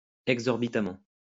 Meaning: exorbitantly
- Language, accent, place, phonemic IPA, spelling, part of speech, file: French, France, Lyon, /ɛɡ.zɔʁ.bi.ta.mɑ̃/, exorbitamment, adverb, LL-Q150 (fra)-exorbitamment.wav